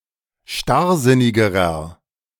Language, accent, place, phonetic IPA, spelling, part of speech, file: German, Germany, Berlin, [ˈʃtaʁˌzɪnɪɡəʁɐ], starrsinnigerer, adjective, De-starrsinnigerer.ogg
- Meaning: inflection of starrsinnig: 1. strong/mixed nominative masculine singular comparative degree 2. strong genitive/dative feminine singular comparative degree 3. strong genitive plural comparative degree